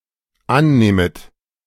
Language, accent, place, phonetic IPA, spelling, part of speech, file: German, Germany, Berlin, [ˈanˌnɛːmət], annähmet, verb, De-annähmet.ogg
- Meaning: second-person plural dependent subjunctive II of annehmen